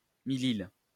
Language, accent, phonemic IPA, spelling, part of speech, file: French, France, /mi.lil/, millile, noun, LL-Q150 (fra)-millile.wav
- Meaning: millile